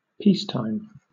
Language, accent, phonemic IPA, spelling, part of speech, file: English, Southern England, /ˈpiːstaɪm/, peacetime, noun, LL-Q1860 (eng)-peacetime.wav
- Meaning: The period of time when a nation or people is at peace, not fighting a war